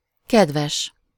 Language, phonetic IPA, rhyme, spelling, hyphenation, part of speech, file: Hungarian, [ˈkɛdvɛʃ], -ɛʃ, kedves, ked‧ves, adjective / noun, Hu-kedves.ogg
- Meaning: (adjective) 1. nice, kind, pleasant (having a pleasant character) 2. dear (addressing somebody at the beginning of a letter); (noun) 1. (in the plural, dated) relative, family member 2. spouse, wife